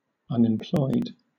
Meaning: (adjective) 1. Having no job despite being able and willing to work 2. Having no use, not doing work; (noun) The unemployed people of a society or the world, taken collectively
- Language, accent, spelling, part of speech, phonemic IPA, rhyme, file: English, Southern England, unemployed, adjective / noun, /ˌʌnɪmˈplɔɪd/, -ɔɪd, LL-Q1860 (eng)-unemployed.wav